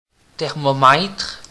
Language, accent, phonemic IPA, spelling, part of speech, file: French, Canada, /tɛʁ.mɔ.mɛtʁ/, thermomètre, noun, Qc-thermomètre.ogg
- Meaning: thermometer